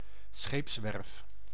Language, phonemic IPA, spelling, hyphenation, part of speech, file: Dutch, /ˈsxeːps.ʋɛrf/, scheepswerf, scheeps‧werf, noun, Nl-scheepswerf.ogg
- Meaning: a shipyard, place and/or firm for building and/or repairing ships